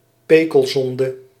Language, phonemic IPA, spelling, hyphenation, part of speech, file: Dutch, /ˈpeː.kəlˌzɔn.də/, pekelzonde, pe‧kel‧zon‧de, noun, Nl-pekelzonde.ogg
- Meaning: a minor sin or inappropriate habit; a peccadillo